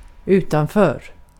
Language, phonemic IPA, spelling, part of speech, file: Swedish, /ˈʉːtanˌføːr/, utanför, adverb / preposition, Sv-utanför.ogg
- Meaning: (adverb) 1. outside 2. right or left of the goal